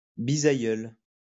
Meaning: great-grandparent; great-grandfather
- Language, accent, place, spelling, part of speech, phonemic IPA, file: French, France, Lyon, bisaïeul, noun, /bi.za.jœl/, LL-Q150 (fra)-bisaïeul.wav